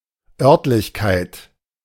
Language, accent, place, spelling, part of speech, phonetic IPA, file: German, Germany, Berlin, Örtlichkeit, noun, [ˈœʁtlɪçkaɪ̯t], De-Örtlichkeit.ogg
- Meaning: 1. venue (place, especially the one where a given event is to happen) 2. site, locality